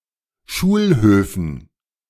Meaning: dative plural of Schulhof
- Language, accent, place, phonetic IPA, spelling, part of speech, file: German, Germany, Berlin, [ˈʃuːlˌhøːfn̩], Schulhöfen, noun, De-Schulhöfen.ogg